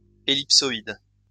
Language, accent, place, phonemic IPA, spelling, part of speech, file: French, France, Lyon, /e.lip.sɔ.id/, ellipsoïde, adjective / noun, LL-Q150 (fra)-ellipsoïde.wav
- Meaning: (adjective) ellipsoid